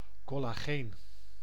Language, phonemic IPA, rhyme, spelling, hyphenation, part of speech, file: Dutch, /ˌkɔlaːˈɣeːn/, -eːn, collageen, col‧la‧geen, noun / adjective, Nl-collageen.ogg
- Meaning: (noun) collagen; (adjective) collagenic